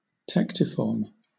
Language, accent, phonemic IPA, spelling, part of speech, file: English, Southern England, /ˈtɛk.tɪ.fɔːm/, tectiform, adjective / noun, LL-Q1860 (eng)-tectiform.wav
- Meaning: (adjective) Roof-shaped; sloping downwards on two sides from a raised central ridge